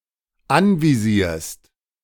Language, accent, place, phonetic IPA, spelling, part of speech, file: German, Germany, Berlin, [ˈanviˌziːɐ̯st], anvisierst, verb, De-anvisierst.ogg
- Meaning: second-person singular dependent present of anvisieren